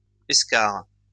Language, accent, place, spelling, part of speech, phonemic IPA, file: French, France, Lyon, escarre, noun, /ɛs.kaʁ/, LL-Q150 (fra)-escarre.wav
- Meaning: eschar, bedsore